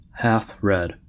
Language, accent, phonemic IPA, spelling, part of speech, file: English, US, /hæfˈɹɛd/, half-read, adjective, En-us-half-read.ogg
- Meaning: 1. Partly read 2. Inadequately or superficially educated by reading